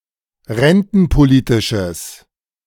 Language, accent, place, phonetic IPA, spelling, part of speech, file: German, Germany, Berlin, [ˈʁɛntn̩poˌliːtɪʃəs], rentenpolitisches, adjective, De-rentenpolitisches.ogg
- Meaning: strong/mixed nominative/accusative neuter singular of rentenpolitisch